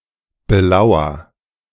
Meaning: inflection of belauern: 1. first-person singular present 2. singular imperative
- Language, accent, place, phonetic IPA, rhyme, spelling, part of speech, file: German, Germany, Berlin, [bəˈlaʊ̯ɐ], -aʊ̯ɐ, belauer, verb, De-belauer.ogg